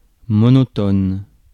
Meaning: 1. monotone 2. whose speech is monotone 3. boring due to uniformity or lack of variety; monotonous
- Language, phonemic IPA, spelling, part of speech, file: French, /mɔ.nɔ.tɔn/, monotone, adjective, Fr-monotone.ogg